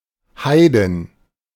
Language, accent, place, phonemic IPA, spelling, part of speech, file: German, Germany, Berlin, /ˈhaɪdɪn/, Heidin, noun, De-Heidin.ogg
- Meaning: heathen, pagan, Gentile / gentile (female)